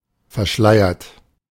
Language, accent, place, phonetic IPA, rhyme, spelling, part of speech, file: German, Germany, Berlin, [fɛɐ̯ˈʃlaɪ̯ɐt], -aɪ̯ɐt, verschleiert, adjective / verb, De-verschleiert.ogg
- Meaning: 1. past participle of verschleiern 2. inflection of verschleiern: third-person singular present 3. inflection of verschleiern: second-person plural present